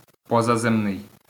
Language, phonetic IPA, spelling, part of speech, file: Ukrainian, [pɔzɐˈzɛmnei̯], позаземний, adjective, LL-Q8798 (ukr)-позаземний.wav
- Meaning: extraterrestrial